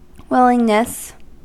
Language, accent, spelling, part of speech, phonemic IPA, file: English, US, willingness, noun, /ˈwɪlɪŋnəs/, En-us-willingness.ogg
- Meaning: The state of being willing